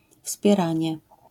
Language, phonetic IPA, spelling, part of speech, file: Polish, [fspʲjɛˈrãɲɛ], wspieranie, noun, LL-Q809 (pol)-wspieranie.wav